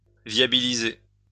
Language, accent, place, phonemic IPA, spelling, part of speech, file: French, France, Lyon, /vja.bi.li.ze/, viabiliser, verb, LL-Q150 (fra)-viabiliser.wav
- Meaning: to service (provide with services)